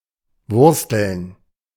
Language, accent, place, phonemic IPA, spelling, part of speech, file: German, Germany, Berlin, /ˈvʊʁstəln/, wursteln, verb, De-wursteln.ogg
- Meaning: 1. to meddle; to tamper 2. to potter; to be busy with minor works and tasks (e.g. about the house) 3. to struggle with everyday problems; to eke out a living